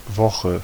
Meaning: 1. week (period of seven days counting from Monday to Sunday, or from Sunday to Saturday) 2. week (any period of seven consecutive days)
- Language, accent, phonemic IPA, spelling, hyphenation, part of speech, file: German, Germany, /ˈvɔxə/, Woche, Wo‧che, noun, De-Woche.ogg